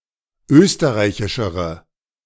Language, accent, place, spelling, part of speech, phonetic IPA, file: German, Germany, Berlin, österreichischere, adjective, [ˈøːstəʁaɪ̯çɪʃəʁə], De-österreichischere.ogg
- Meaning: inflection of österreichisch: 1. strong/mixed nominative/accusative feminine singular comparative degree 2. strong nominative/accusative plural comparative degree